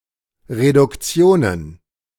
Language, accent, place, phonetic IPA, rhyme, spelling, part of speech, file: German, Germany, Berlin, [ʁedʊkˈt͡si̯oːnən], -oːnən, Reduktionen, noun, De-Reduktionen.ogg
- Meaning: plural of Reduktion